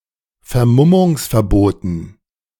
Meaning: dative plural of Vermummungsverbot
- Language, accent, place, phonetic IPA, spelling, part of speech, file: German, Germany, Berlin, [fɛɐ̯ˈmʊmʊŋsfɛɐ̯ˌboːtn̩], Vermummungsverboten, noun, De-Vermummungsverboten.ogg